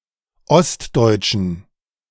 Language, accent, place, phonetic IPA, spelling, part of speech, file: German, Germany, Berlin, [ˈɔstˌdɔɪ̯tʃn̩], ostdeutschen, adjective, De-ostdeutschen.ogg
- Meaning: inflection of ostdeutsch: 1. strong genitive masculine/neuter singular 2. weak/mixed genitive/dative all-gender singular 3. strong/weak/mixed accusative masculine singular 4. strong dative plural